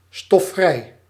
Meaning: dustfree
- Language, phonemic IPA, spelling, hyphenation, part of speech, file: Dutch, /stɔˈfrɛi̯/, stofvrij, stof‧vrij, adjective, Nl-stofvrij.ogg